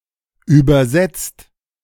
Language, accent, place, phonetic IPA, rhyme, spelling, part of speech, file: German, Germany, Berlin, [ˌyːbɐˈzɛt͡st], -ɛt͡st, übersetzt, adjective / verb, De-übersetzt.ogg
- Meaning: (verb) 1. past participle of übersetzen 2. inflection of übersetzen: second/third-person singular present 3. inflection of übersetzen: second-person plural present